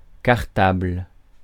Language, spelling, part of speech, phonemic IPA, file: French, cartable, noun, /kaʁ.tabl/, Fr-cartable.ogg
- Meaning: 1. satchel; schoolbag 2. ring binder